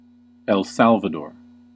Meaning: 1. A country in Central America. Official name: Republic of El Salvador. Capital: San Salvador 2. Places in the Philippines: A barangay of Carmen, Bohol, Philippines
- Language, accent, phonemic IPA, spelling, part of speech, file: English, US, /ɛl ˈsæl.və.dɔɹ/, El Salvador, proper noun, En-us-El Salvador.ogg